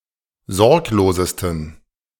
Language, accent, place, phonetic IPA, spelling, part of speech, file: German, Germany, Berlin, [ˈzɔʁkloːzəstn̩], sorglosesten, adjective, De-sorglosesten.ogg
- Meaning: 1. superlative degree of sorglos 2. inflection of sorglos: strong genitive masculine/neuter singular superlative degree